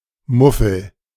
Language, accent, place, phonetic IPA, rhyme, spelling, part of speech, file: German, Germany, Berlin, [ˈmʊfl̩], -ʊfl̩, Muffel, noun, De-Muffel.ogg
- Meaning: 1. grouch 2. muffle (all senses) 3. mouflon